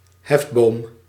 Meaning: 1. lever (turning rigid piece) 2. leverage
- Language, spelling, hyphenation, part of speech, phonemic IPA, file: Dutch, hefboom, hef‧boom, noun, /ˈɦɛf.boːm/, Nl-hefboom.ogg